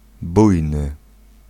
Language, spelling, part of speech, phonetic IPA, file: Polish, bujny, adjective, [ˈbujnɨ], Pl-bujny.ogg